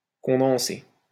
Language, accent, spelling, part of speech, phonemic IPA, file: French, France, condenser, verb, /kɔ̃.dɑ̃.se/, LL-Q150 (fra)-condenser.wav
- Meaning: 1. to condense 2. to compress 3. to concentrate